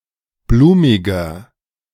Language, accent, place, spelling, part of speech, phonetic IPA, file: German, Germany, Berlin, blumiger, adjective, [ˈbluːmɪɡɐ], De-blumiger.ogg
- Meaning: 1. comparative degree of blumig 2. inflection of blumig: strong/mixed nominative masculine singular 3. inflection of blumig: strong genitive/dative feminine singular